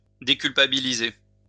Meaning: to exonerate
- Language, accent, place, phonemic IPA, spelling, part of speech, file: French, France, Lyon, /de.kyl.pa.bi.li.ze/, déculpabiliser, verb, LL-Q150 (fra)-déculpabiliser.wav